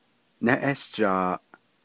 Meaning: owl
- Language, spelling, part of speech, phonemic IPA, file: Navajo, néʼéshjaaʼ, noun, /nɛ́ʔɛ́ʃt͡ʃɑ̀ːʔ/, Nv-néʼéshjaaʼ.ogg